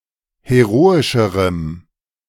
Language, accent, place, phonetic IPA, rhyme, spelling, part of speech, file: German, Germany, Berlin, [heˈʁoːɪʃəʁəm], -oːɪʃəʁəm, heroischerem, adjective, De-heroischerem.ogg
- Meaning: strong dative masculine/neuter singular comparative degree of heroisch